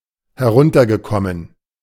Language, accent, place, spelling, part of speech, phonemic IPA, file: German, Germany, Berlin, heruntergekommen, verb / adjective, /hɛˈʁʊntɐɡəˌkɔmən/, De-heruntergekommen.ogg
- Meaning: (verb) past participle of herunterkommen; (adjective) decayed, dilapidated, run-down